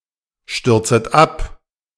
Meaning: second-person plural subjunctive I of abstürzen
- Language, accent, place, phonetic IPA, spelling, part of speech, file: German, Germany, Berlin, [ˌʃtʏʁt͡sət ˈap], stürzet ab, verb, De-stürzet ab.ogg